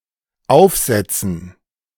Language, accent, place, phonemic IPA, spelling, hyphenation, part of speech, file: German, Germany, Berlin, /ˈaʊ̯fˌzɛt͡sən/, aufsetzen, auf‧set‧zen, verb, De-aufsetzen.ogg
- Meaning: 1. to put on (something to be worn on the head) 2. to put on (coffee or tea) 3. to draft; to compose (a written document) 4. to sit up 5. to touch down 6. to touch the ground